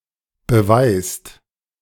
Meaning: inflection of beweisen: 1. second/third-person singular present 2. second-person plural present 3. plural imperative
- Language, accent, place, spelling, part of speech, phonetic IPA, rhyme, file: German, Germany, Berlin, beweist, verb, [bəˈvaɪ̯st], -aɪ̯st, De-beweist.ogg